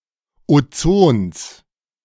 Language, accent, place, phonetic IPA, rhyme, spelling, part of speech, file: German, Germany, Berlin, [oˈt͡soːns], -oːns, Ozons, noun, De-Ozons.ogg
- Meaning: genitive singular of Ozon